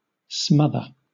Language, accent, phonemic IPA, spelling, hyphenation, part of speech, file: English, Southern England, /ˈsmʌðə/, smother, smoth‧er, verb / noun, LL-Q1860 (eng)-smother.wav
- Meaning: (verb) 1. To suffocate; stifle; obstruct, more or less completely, the respiration of something or someone 2. To extinguish or deaden, as fire, by covering, overlaying, or otherwise excluding the air